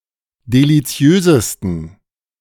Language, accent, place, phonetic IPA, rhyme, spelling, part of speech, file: German, Germany, Berlin, [deliˈt͡si̯øːzəstn̩], -øːzəstn̩, deliziösesten, adjective, De-deliziösesten.ogg
- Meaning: 1. superlative degree of deliziös 2. inflection of deliziös: strong genitive masculine/neuter singular superlative degree